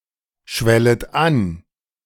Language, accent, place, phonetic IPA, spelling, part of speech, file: German, Germany, Berlin, [ˌʃvɛlət ˈan], schwellet an, verb, De-schwellet an.ogg
- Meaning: second-person plural subjunctive I of anschwellen